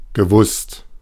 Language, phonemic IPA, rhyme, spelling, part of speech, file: German, /ɡəˈvʊst/, -ʊst, gewusst, verb, De-gewusst.oga
- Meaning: past participle of wissen